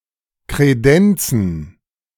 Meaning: to offer (e.g. drinks or food)
- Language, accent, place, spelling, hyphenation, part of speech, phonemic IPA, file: German, Germany, Berlin, kredenzen, kre‧den‧zen, verb, /kʁeˈdɛnt͡sn̩/, De-kredenzen.ogg